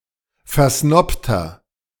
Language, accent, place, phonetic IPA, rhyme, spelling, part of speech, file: German, Germany, Berlin, [fɛɐ̯ˈsnɔptɐ], -ɔptɐ, versnobter, adjective, De-versnobter.ogg
- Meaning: 1. comparative degree of versnobt 2. inflection of versnobt: strong/mixed nominative masculine singular 3. inflection of versnobt: strong genitive/dative feminine singular